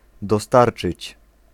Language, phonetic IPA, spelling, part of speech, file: Polish, [dɔˈstart͡ʃɨt͡ɕ], dostarczyć, verb, Pl-dostarczyć.ogg